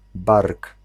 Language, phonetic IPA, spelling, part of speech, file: Polish, [bark], bark, noun, Pl-bark.ogg